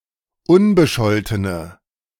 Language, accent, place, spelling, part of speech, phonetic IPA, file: German, Germany, Berlin, unbescholtene, adjective, [ˈʊnbəˌʃɔltənə], De-unbescholtene.ogg
- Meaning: inflection of unbescholten: 1. strong/mixed nominative/accusative feminine singular 2. strong nominative/accusative plural 3. weak nominative all-gender singular